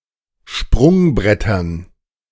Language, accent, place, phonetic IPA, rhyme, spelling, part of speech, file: German, Germany, Berlin, [ˈʃpʁʊŋˌbʁɛtɐn], -ʊŋbʁɛtɐn, Sprungbrettern, noun, De-Sprungbrettern.ogg
- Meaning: dative plural of Sprungbrett